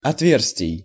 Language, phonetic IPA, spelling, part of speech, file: Russian, [ɐtˈvʲers⁽ʲ⁾tʲɪj], отверстий, noun, Ru-отверстий.ogg
- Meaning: genitive plural of отве́рстие (otvérstije)